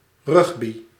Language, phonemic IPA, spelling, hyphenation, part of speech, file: Dutch, /ˈrʏx.bi/, rugby, rug‧by, noun / verb, Nl-rugby.ogg
- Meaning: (noun) rugby (sport); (verb) inflection of rugbyen: 1. first-person singular present indicative 2. second-person singular present indicative 3. imperative